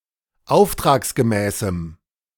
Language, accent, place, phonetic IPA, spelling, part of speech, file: German, Germany, Berlin, [ˈaʊ̯ftʁaːksɡəˌmɛːsm̩], auftragsgemäßem, adjective, De-auftragsgemäßem.ogg
- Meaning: strong dative masculine/neuter singular of auftragsgemäß